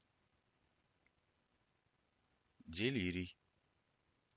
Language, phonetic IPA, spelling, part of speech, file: Russian, [dɨˈlʲirʲɪj], делирий, noun, Ru-Delirii.ogg
- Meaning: delirium